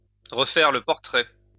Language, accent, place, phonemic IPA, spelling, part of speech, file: French, France, Lyon, /ʁə.fɛʁ lə pɔʁ.tʁɛ/, refaire le portrait, verb, LL-Q150 (fra)-refaire le portrait.wav
- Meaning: to rearrange (someone's) face